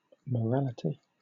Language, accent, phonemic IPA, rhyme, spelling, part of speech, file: English, Southern England, /məˈɹælɪti/, -ælɪti, morality, noun, LL-Q1860 (eng)-morality.wav